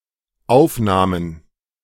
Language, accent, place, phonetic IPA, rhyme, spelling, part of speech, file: German, Germany, Berlin, [ˈaʊ̯fˌnaːmən], -aʊ̯fnaːmən, aufnahmen, verb, De-aufnahmen.ogg
- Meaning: first/third-person plural dependent preterite of aufnehmen